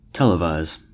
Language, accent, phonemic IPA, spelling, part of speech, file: English, US, /ˈtɛləvaɪz/, televise, verb, En-us-televise.ogg
- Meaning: To broadcast, or be broadcast, by television